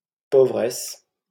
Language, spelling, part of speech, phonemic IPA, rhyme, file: French, pauvresse, noun, /po.vʁɛs/, -ɛs, LL-Q150 (fra)-pauvresse.wav
- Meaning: female equivalent of pauvre